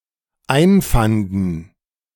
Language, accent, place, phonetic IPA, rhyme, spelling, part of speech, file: German, Germany, Berlin, [ˈaɪ̯nˌfandn̩], -aɪ̯nfandn̩, einfanden, verb, De-einfanden.ogg
- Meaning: first/third-person plural dependent preterite of einfinden